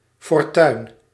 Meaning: 1. luck 2. fortune (riches) 3. fortune (destiny)
- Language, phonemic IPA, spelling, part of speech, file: Dutch, /fɔrˈtœyn/, fortuin, noun, Nl-fortuin.ogg